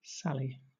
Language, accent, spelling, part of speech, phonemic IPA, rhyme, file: English, Southern England, Sally, proper noun / noun, /ˈsæl.i/, -æli, LL-Q1860 (eng)-Sally.wav
- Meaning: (proper noun) 1. A diminutive of the female given name Sarah, also used as a formal given name 2. A nickname for the Salvation Army